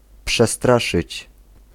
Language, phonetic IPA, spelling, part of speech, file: Polish, [pʃɛˈstraʃɨt͡ɕ], przestraszyć, verb, Pl-przestraszyć.ogg